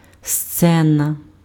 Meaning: 1. stage (platform for performances) 2. scene
- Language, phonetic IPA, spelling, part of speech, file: Ukrainian, [ˈst͡sɛnɐ], сцена, noun, Uk-сцена.ogg